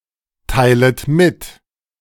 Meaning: second-person plural subjunctive I of mitteilen
- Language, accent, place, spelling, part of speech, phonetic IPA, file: German, Germany, Berlin, teilet mit, verb, [ˌtaɪ̯lət ˈmɪt], De-teilet mit.ogg